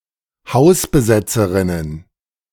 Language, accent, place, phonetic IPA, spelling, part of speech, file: German, Germany, Berlin, [ˈhaʊ̯sbəˌzɛt͡səʁɪnən], Hausbesetzerinnen, noun, De-Hausbesetzerinnen.ogg
- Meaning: plural of Hausbesetzerin